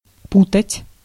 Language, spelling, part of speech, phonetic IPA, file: Russian, путать, verb, [ˈputətʲ], Ru-путать.ogg
- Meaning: 1. to tangle 2. to mix up (with), to confuse (with) 3. to confuse 4. to get mixed up, to confuse 5. to involve in, to embroil 6. to hobble, to fetter